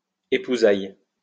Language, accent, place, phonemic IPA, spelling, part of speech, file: French, France, Lyon, /e.pu.zaj/, épousailles, noun, LL-Q150 (fra)-épousailles.wav
- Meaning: nuptials; wedding celebration